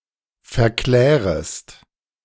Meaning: second-person singular subjunctive I of verklären
- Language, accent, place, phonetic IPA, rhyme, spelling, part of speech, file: German, Germany, Berlin, [fɛɐ̯ˈklɛːʁəst], -ɛːʁəst, verklärest, verb, De-verklärest.ogg